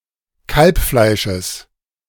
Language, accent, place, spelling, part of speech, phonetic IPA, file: German, Germany, Berlin, Kalbfleisches, noun, [ˈkalpˌflaɪ̯ʃəs], De-Kalbfleisches.ogg
- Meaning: genitive singular of Kalbfleisch